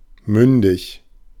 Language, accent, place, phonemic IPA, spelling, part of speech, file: German, Germany, Berlin, /ˈmʏndɪç/, mündig, adjective, De-mündig.ogg
- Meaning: legally capable; mature; of age and not incapacitated; able to take independent legal and political decisions